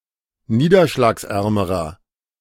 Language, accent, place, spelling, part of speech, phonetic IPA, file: German, Germany, Berlin, niederschlagsärmerer, adjective, [ˈniːdɐʃlaːksˌʔɛʁməʁɐ], De-niederschlagsärmerer.ogg
- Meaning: inflection of niederschlagsarm: 1. strong/mixed nominative masculine singular comparative degree 2. strong genitive/dative feminine singular comparative degree